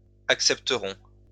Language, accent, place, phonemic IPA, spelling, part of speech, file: French, France, Lyon, /ak.sɛp.tə.ʁɔ̃/, accepterons, verb, LL-Q150 (fra)-accepterons.wav
- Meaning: first-person plural future of accepter